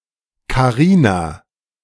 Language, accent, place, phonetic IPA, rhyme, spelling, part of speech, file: German, Germany, Berlin, [kaˈʁiːna], -iːna, Karina, proper noun, De-Karina.ogg
- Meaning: a female given name, variant of Karin